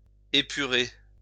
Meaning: 1. to purify 2. to expurgate 3. to get pure, become pure 4. to refine
- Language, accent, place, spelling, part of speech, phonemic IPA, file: French, France, Lyon, épurer, verb, /e.py.ʁe/, LL-Q150 (fra)-épurer.wav